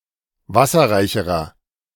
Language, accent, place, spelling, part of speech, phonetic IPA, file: German, Germany, Berlin, wasserreicherer, adjective, [ˈvasɐʁaɪ̯çəʁɐ], De-wasserreicherer.ogg
- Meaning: inflection of wasserreich: 1. strong/mixed nominative masculine singular comparative degree 2. strong genitive/dative feminine singular comparative degree 3. strong genitive plural comparative degree